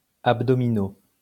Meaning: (adjective) masculine plural of abdominal; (noun) 1. the abdominal muscles; the abdominals 2. sit-up
- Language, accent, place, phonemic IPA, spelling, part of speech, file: French, France, Lyon, /ab.dɔ.mi.no/, abdominaux, adjective / noun, LL-Q150 (fra)-abdominaux.wav